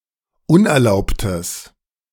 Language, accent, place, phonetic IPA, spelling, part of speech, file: German, Germany, Berlin, [ˈʊnʔɛɐ̯ˌlaʊ̯ptəs], unerlaubtes, adjective, De-unerlaubtes.ogg
- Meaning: strong/mixed nominative/accusative neuter singular of unerlaubt